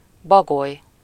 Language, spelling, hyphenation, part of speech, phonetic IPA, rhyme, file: Hungarian, bagoly, ba‧goly, noun, [ˈbɒɡoj], -oj, Hu-bagoly.ogg
- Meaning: owl (any of various birds of prey of the order Strigiformes that are primarily nocturnal and have forward-looking, binocular vision, limited eye movement, and good hearing)